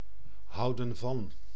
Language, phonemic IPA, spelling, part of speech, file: Dutch, /ˈhɑudə(n) vɑn/, houden van, verb, Nl-houden van.ogg